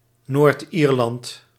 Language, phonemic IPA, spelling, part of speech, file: Dutch, /ˈɛlzɑs/, Noord-Ierland, proper noun, Nl-Noord-Ierland.ogg
- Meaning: Northern Ireland (a constituent country and province of the United Kingdom, situated in the northeastern part of the island of Ireland)